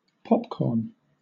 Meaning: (noun) A snack food made from corn or maize kernels popped by dry heating
- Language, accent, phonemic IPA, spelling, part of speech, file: English, Southern England, /ˈpɒp.kɔːn/, popcorn, noun / verb, LL-Q1860 (eng)-popcorn.wav